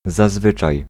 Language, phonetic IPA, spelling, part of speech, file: Polish, [zaˈzvɨt͡ʃaj], zazwyczaj, adverb, Pl-zazwyczaj.ogg